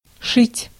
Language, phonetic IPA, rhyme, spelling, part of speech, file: Russian, [ˈʂɨtʲ], -ɨtʲ, шить, verb, Ru-шить.ogg
- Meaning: 1. to sew 2. to be occupied with sewing, to tailor 3. to order (e.g., a dress) 4. to embroider 5. to nail planking